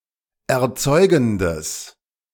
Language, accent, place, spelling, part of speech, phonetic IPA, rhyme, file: German, Germany, Berlin, erzeugendes, adjective, [ɛɐ̯ˈt͡sɔɪ̯ɡn̩dəs], -ɔɪ̯ɡn̩dəs, De-erzeugendes.ogg
- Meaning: strong/mixed nominative/accusative neuter singular of erzeugend